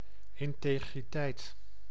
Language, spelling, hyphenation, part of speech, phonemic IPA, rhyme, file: Dutch, integriteit, in‧te‧gri‧teit, noun, /ˌɪn.teː.ɣriˈtɛi̯t/, -ɛi̯t, Nl-integriteit.ogg
- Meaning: 1. integrity, probity, rectitude 2. integrity, completeness, wholeness